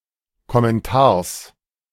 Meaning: genitive singular of Kommentar
- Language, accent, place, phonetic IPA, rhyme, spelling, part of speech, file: German, Germany, Berlin, [kɔmɛnˈtaːɐ̯s], -aːɐ̯s, Kommentars, noun, De-Kommentars.ogg